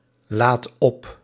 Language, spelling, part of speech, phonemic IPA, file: Dutch, laadt op, verb, /ˈlat ˈɔp/, Nl-laadt op.ogg
- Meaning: inflection of opladen: 1. second/third-person singular present indicative 2. plural imperative